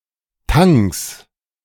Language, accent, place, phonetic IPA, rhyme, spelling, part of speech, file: German, Germany, Berlin, [taŋs], -aŋs, Tangs, noun, De-Tangs.ogg
- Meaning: genitive singular of Tang